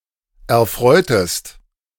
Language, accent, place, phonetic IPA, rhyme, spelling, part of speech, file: German, Germany, Berlin, [ɛɐ̯ˈfʁɔɪ̯təst], -ɔɪ̯təst, erfreutest, verb, De-erfreutest.ogg
- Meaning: inflection of erfreuen: 1. second-person singular preterite 2. second-person singular subjunctive II